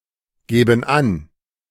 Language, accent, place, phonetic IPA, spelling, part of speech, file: German, Germany, Berlin, [ˌɡeːbn̩ ˈan], geben an, verb, De-geben an.ogg
- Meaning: inflection of angeben: 1. first/third-person plural present 2. first/third-person plural subjunctive I